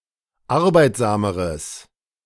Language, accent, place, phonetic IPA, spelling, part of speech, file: German, Germany, Berlin, [ˈaʁbaɪ̯tzaːməʁəs], arbeitsameres, adjective, De-arbeitsameres.ogg
- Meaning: strong/mixed nominative/accusative neuter singular comparative degree of arbeitsam